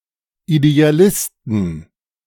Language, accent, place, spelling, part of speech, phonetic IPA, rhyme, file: German, Germany, Berlin, Idealisten, noun, [ideaˈlɪstn̩], -ɪstn̩, De-Idealisten.ogg
- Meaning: 1. genitive singular of Idealist 2. plural of Idealist